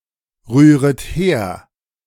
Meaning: second-person plural subjunctive I of herrühren
- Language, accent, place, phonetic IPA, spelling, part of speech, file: German, Germany, Berlin, [ˌʁyːʁət ˈheːɐ̯], rühret her, verb, De-rühret her.ogg